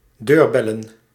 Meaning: plural of deurbel
- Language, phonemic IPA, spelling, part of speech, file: Dutch, /ˈdørbɛlə(n)/, deurbellen, noun, Nl-deurbellen.ogg